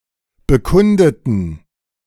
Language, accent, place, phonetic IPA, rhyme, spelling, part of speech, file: German, Germany, Berlin, [bəˈkʊndətn̩], -ʊndətn̩, bekundeten, adjective / verb, De-bekundeten.ogg
- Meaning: inflection of bekunden: 1. first/third-person plural preterite 2. first/third-person plural subjunctive II